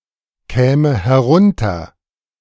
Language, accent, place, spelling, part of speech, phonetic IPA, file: German, Germany, Berlin, käme herunter, verb, [ˌkɛːmə hɛˈʁʊntɐ], De-käme herunter.ogg
- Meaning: first/third-person singular subjunctive II of herunterkommen